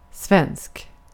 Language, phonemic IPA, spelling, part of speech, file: Swedish, /svɛnːsk/, svensk, adjective / noun, Sv-svensk.ogg
- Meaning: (adjective) Swedish; of or pertaining to Sweden or the Swedish language; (noun) a Swede; person from Sweden